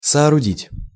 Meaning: to build, to construct, to erect
- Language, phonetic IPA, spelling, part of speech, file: Russian, [sɐɐrʊˈdʲitʲ], соорудить, verb, Ru-соорудить.ogg